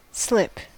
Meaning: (verb) 1. To lose one’s traction on a slippery surface; to slide due to a lack of friction 2. To err 3. To accidentally reveal a secret or otherwise say something unintentionally
- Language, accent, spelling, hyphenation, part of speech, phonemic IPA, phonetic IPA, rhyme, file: English, US, slip, slip, verb / noun, /ˈslɪp/, [ˈslɪp], -ɪp, En-us-slip.ogg